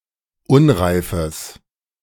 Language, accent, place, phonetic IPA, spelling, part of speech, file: German, Germany, Berlin, [ˈʊnʁaɪ̯fəs], unreifes, adjective, De-unreifes.ogg
- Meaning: strong/mixed nominative/accusative neuter singular of unreif